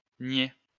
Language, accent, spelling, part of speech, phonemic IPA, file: French, France, nié, verb, /nje/, LL-Q150 (fra)-nié.wav
- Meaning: past participle of nier